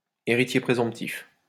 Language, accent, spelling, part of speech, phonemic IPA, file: French, France, héritier présomptif, noun, /e.ʁi.tje pʁe.zɔ̃p.tif/, LL-Q150 (fra)-héritier présomptif.wav
- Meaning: heir presumptive